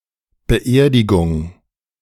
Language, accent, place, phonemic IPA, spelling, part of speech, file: German, Germany, Berlin, /bəˈʔeːɐ̯dɪɡʊŋ/, Beerdigung, noun, De-Beerdigung2.ogg
- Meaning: 1. burial 2. funeral